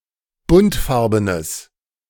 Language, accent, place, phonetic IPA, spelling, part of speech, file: German, Germany, Berlin, [ˈbʊntˌfaʁbənəs], buntfarbenes, adjective, De-buntfarbenes.ogg
- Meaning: strong/mixed nominative/accusative neuter singular of buntfarben